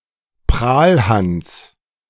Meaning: braggart, blowhard, showoff
- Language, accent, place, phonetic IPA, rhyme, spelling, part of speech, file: German, Germany, Berlin, [ˈpʁaːlˌhans], -aːlhans, Prahlhans, noun, De-Prahlhans.ogg